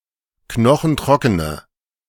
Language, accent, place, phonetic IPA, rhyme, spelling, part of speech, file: German, Germany, Berlin, [ˈknɔxn̩ˈtʁɔkənə], -ɔkənə, knochentrockene, adjective, De-knochentrockene.ogg
- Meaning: inflection of knochentrocken: 1. strong/mixed nominative/accusative feminine singular 2. strong nominative/accusative plural 3. weak nominative all-gender singular